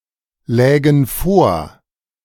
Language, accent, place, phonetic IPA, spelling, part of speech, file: German, Germany, Berlin, [ˌlɛːɡn̩ ˈfoːɐ̯], lägen vor, verb, De-lägen vor.ogg
- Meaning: first-person plural subjunctive II of vorliegen